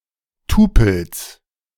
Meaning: genitive singular of Tupel
- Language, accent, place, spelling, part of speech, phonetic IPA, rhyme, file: German, Germany, Berlin, Tupels, noun, [ˈtuːpl̩s], -uːpl̩s, De-Tupels.ogg